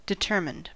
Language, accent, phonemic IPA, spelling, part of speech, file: English, US, /dɪˈtɝmɪnd/, determined, adjective / verb, En-us-determined.ogg
- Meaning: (adjective) Decided; resolute, possessing much determination; dogged; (verb) simple past and past participle of determine